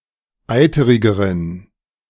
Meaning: inflection of eiterig: 1. strong genitive masculine/neuter singular comparative degree 2. weak/mixed genitive/dative all-gender singular comparative degree
- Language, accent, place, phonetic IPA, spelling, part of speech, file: German, Germany, Berlin, [ˈaɪ̯təʁɪɡəʁən], eiterigeren, adjective, De-eiterigeren.ogg